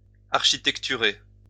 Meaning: to architect
- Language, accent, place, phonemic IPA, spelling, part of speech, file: French, France, Lyon, /aʁ.ʃi.tɛk.ty.ʁe/, architecturer, verb, LL-Q150 (fra)-architecturer.wav